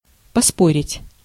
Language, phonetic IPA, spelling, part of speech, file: Russian, [pɐˈsporʲɪtʲ], поспорить, verb, Ru-поспорить.ogg
- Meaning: 1. to dispute, to argue (for some time) 2. to discuss, to debate (for some time) 3. to bet, to wager